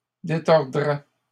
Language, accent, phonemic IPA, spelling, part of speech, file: French, Canada, /de.tɔʁ.dʁɛ/, détordraient, verb, LL-Q150 (fra)-détordraient.wav
- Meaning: third-person plural conditional of détordre